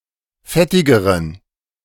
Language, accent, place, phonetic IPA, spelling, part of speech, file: German, Germany, Berlin, [ˈfɛtɪɡəʁən], fettigeren, adjective, De-fettigeren.ogg
- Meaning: inflection of fettig: 1. strong genitive masculine/neuter singular comparative degree 2. weak/mixed genitive/dative all-gender singular comparative degree